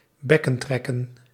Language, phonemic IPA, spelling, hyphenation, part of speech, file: Dutch, /ˈbɛ.kə(n)ˌtrɛ.kə(n)/, bekkentrekken, bek‧ken‧trek‧ken, verb, Nl-bekkentrekken.ogg
- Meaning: alternative form of bekken trekken